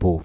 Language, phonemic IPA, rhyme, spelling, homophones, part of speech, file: French, /bo/, -o, bau, baud / bauds / baux / beau / bot, noun, Fr-bau.ogg
- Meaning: crossbeam